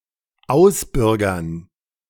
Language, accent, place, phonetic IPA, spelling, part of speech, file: German, Germany, Berlin, [ˈaʊ̯sˌbʏʁɡɐn], ausbürgern, verb, De-ausbürgern.ogg
- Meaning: to expatriate